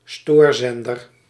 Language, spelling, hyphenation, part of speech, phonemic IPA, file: Dutch, stoorzender, stoor‧zen‧der, noun, /ˈstoːrˌzɛn.dər/, Nl-stoorzender.ogg
- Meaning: 1. a jammer, a jamming station 2. a person who obstructs regular operation; an obstructionist, a saboteur